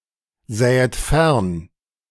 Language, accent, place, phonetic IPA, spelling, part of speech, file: German, Germany, Berlin, [ˌzɛːət ˈfɛʁn], sähet fern, verb, De-sähet fern.ogg
- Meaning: second-person plural subjunctive II of fernsehen